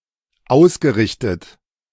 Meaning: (verb) past participle of ausrichten; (adjective) justified, oriented, aligned
- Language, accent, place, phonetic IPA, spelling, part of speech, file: German, Germany, Berlin, [ˈaʊ̯sɡəˌʁɪçtət], ausgerichtet, verb, De-ausgerichtet.ogg